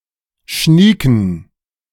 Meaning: inflection of schnieke: 1. strong genitive masculine/neuter singular 2. weak/mixed genitive/dative all-gender singular 3. strong/weak/mixed accusative masculine singular 4. strong dative plural
- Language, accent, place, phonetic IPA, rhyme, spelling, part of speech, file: German, Germany, Berlin, [ˈʃniːkn̩], -iːkn̩, schnieken, adjective, De-schnieken.ogg